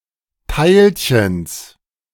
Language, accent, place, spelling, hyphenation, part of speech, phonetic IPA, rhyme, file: German, Germany, Berlin, Teilchens, Teil‧chens, noun, [ˈtaɪ̯lçəns], -aɪ̯lçəns, De-Teilchens.ogg
- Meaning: genitive singular of Teilchen